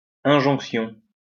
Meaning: injunction (the act of enjoining)
- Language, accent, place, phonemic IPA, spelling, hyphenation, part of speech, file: French, France, Lyon, /ɛ̃.ʒɔ̃k.sjɔ̃/, injonction, in‧jonc‧tion, noun, LL-Q150 (fra)-injonction.wav